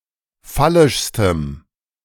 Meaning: strong dative masculine/neuter singular superlative degree of phallisch
- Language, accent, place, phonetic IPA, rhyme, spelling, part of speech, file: German, Germany, Berlin, [ˈfalɪʃstəm], -alɪʃstəm, phallischstem, adjective, De-phallischstem.ogg